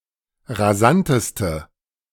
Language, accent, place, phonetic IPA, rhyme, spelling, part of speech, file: German, Germany, Berlin, [ʁaˈzantəstə], -antəstə, rasanteste, adjective, De-rasanteste.ogg
- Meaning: inflection of rasant: 1. strong/mixed nominative/accusative feminine singular superlative degree 2. strong nominative/accusative plural superlative degree